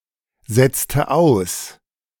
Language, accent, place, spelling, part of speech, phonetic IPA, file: German, Germany, Berlin, setzte aus, verb, [ˌzɛt͡stə ˈaʊ̯s], De-setzte aus.ogg
- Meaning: inflection of aussetzen: 1. first/third-person singular preterite 2. first/third-person singular subjunctive II